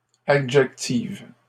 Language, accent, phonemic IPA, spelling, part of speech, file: French, Canada, /a.dʒɛk.tiv/, adjective, adjective, LL-Q150 (fra)-adjective.wav
- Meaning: feminine singular of adjectif